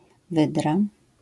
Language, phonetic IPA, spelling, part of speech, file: Polish, [ˈvɨdra], wydra, noun, LL-Q809 (pol)-wydra.wav